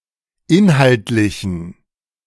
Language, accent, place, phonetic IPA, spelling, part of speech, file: German, Germany, Berlin, [ˈɪnhaltlɪçn̩], inhaltlichen, adjective, De-inhaltlichen.ogg
- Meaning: inflection of inhaltlich: 1. strong genitive masculine/neuter singular 2. weak/mixed genitive/dative all-gender singular 3. strong/weak/mixed accusative masculine singular 4. strong dative plural